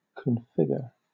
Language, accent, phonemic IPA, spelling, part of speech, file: English, Southern England, /kənˈfɪɡə(ɹ)/, configure, verb, LL-Q1860 (eng)-configure.wav
- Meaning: To set up or arrange something in such a way that it is ready for operation for a particular purpose, or to someone's particular liking